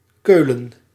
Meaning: Cologne (the largest city in North Rhine-Westphalia, in western Germany)
- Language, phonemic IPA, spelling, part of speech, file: Dutch, /ˈkøːlə(n)/, Keulen, proper noun, Nl-Keulen.ogg